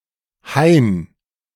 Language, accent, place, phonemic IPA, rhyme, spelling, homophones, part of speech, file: German, Germany, Berlin, /haɪ̯n/, -aɪ̯n, Hain, Hein, noun, De-Hain.ogg
- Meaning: grove; woods; small forest